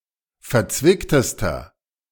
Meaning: inflection of verzwickt: 1. strong/mixed nominative masculine singular superlative degree 2. strong genitive/dative feminine singular superlative degree 3. strong genitive plural superlative degree
- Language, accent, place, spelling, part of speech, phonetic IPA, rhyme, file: German, Germany, Berlin, verzwicktester, adjective, [fɛɐ̯ˈt͡svɪktəstɐ], -ɪktəstɐ, De-verzwicktester.ogg